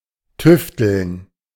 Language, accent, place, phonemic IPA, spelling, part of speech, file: German, Germany, Berlin, /ˈtʏftəln/, tüfteln, verb, De-tüfteln.ogg
- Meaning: to tinker, to work on something, to attempt to work out a solution carefully and patiently